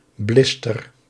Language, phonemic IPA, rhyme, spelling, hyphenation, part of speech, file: Dutch, /ˈblɪs.tər/, -ɪstər, blister, blis‧ter, noun, Nl-blister.ogg
- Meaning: blister pack